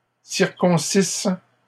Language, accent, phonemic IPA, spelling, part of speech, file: French, Canada, /siʁ.kɔ̃.sis/, circoncissent, verb, LL-Q150 (fra)-circoncissent.wav
- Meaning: third-person plural imperfect subjunctive of circoncire